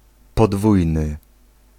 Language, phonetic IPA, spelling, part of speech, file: Polish, [pɔˈdvujnɨ], podwójny, adjective, Pl-podwójny.ogg